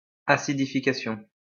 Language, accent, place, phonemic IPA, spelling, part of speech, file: French, France, Lyon, /a.si.di.fi.ka.sjɔ̃/, acidification, noun, LL-Q150 (fra)-acidification.wav
- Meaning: acidification